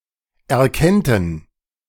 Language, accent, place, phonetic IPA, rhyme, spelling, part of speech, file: German, Germany, Berlin, [ɛɐ̯ˈkɛntn̩], -ɛntn̩, erkennten, verb, De-erkennten.ogg
- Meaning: first/third-person plural subjunctive II of erkennen